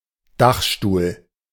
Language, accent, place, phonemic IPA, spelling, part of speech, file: German, Germany, Berlin, /ˈdaxʃtuːl/, Dachstuhl, noun, De-Dachstuhl.ogg
- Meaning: roof truss, roof timbering